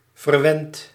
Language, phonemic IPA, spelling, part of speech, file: Dutch, /vərˈwɛnt/, verwent, verb, Nl-verwent.ogg
- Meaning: inflection of verwennen: 1. second/third-person singular present indicative 2. plural imperative